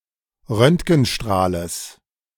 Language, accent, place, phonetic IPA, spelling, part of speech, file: German, Germany, Berlin, [ˈʁœntɡn̩ˌʃtʁaːləs], Röntgenstrahles, noun, De-Röntgenstrahles.ogg
- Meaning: genitive singular of Röntgenstrahl